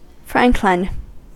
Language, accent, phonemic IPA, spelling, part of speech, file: English, US, /ˈfɹæŋk.lɪn/, franklin, noun, En-us-franklin.ogg
- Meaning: A freeholder, especially as belonging to a class of landowners in the 14th and 15th century ranking at the bottom of the gentry